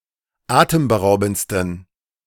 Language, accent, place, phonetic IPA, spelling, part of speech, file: German, Germany, Berlin, [ˈaːtəmbəˌʁaʊ̯bn̩t͡stən], atemberaubendsten, adjective, De-atemberaubendsten.ogg
- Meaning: 1. superlative degree of atemberaubend 2. inflection of atemberaubend: strong genitive masculine/neuter singular superlative degree